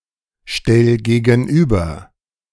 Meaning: 1. singular imperative of gegenüberstellen 2. first-person singular present of gegenüberstellen
- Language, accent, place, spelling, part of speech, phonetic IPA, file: German, Germany, Berlin, stell gegenüber, verb, [ˌʃtɛl ɡeːɡn̩ˈʔyːbɐ], De-stell gegenüber.ogg